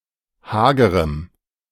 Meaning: strong dative masculine/neuter singular of hager
- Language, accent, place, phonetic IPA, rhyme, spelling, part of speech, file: German, Germany, Berlin, [ˈhaːɡəʁəm], -aːɡəʁəm, hagerem, adjective, De-hagerem.ogg